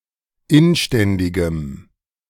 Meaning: strong dative masculine/neuter singular of inständig
- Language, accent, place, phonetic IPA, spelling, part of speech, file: German, Germany, Berlin, [ˈɪnˌʃtɛndɪɡəm], inständigem, adjective, De-inständigem.ogg